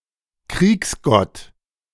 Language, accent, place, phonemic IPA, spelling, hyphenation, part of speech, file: German, Germany, Berlin, /ˈkʁiːksˌɡɔt/, Kriegsgott, Kriegs‧gott, noun, De-Kriegsgott.ogg
- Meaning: war god